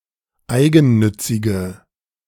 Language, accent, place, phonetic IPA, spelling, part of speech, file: German, Germany, Berlin, [ˈaɪ̯ɡn̩ˌnʏt͡sɪɡə], eigennützige, adjective, De-eigennützige.ogg
- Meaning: inflection of eigennützig: 1. strong/mixed nominative/accusative feminine singular 2. strong nominative/accusative plural 3. weak nominative all-gender singular